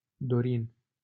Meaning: a male given name comparable to Dorian
- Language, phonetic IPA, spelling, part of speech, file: Romanian, [ˈdo.rin], Dorin, proper noun, LL-Q7913 (ron)-Dorin.wav